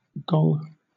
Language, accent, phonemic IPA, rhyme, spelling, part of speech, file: English, Southern England, /ɡɒŋ/, -ɒŋ, gong, noun / verb, LL-Q1860 (eng)-gong.wav
- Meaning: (noun) 1. A percussion instrument consisting of a metal disk that emits a loud resonant sound when struck with a soft hammer 2. A medal or award, particularly Knight Bachelor